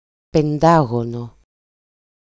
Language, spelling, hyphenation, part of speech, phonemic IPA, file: Greek, πεντάγωνο, πε‧ντά‧γωνο, noun / adjective, /penˈdaɣono/, EL-πεντάγωνο.ogg
- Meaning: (noun) pentagon; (adjective) 1. accusative masculine singular of πεντάγωνος (pentágonos) 2. nominative/accusative/vocative neuter singular of πεντάγωνος (pentágonos)